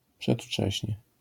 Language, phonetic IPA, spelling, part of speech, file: Polish, [pʃɛtˈft͡ʃɛɕɲɛ], przedwcześnie, adverb, LL-Q809 (pol)-przedwcześnie.wav